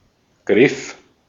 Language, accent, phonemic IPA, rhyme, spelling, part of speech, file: German, Austria, /ɡʁɪf/, -ɪf, Griff, noun, De-at-Griff.ogg
- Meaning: 1. grasp, reach (act of trying to grab) 2. grip (act of holding something after having gripped it) 3. handle (part of a tool or fixture meant to be gripped) 4. hold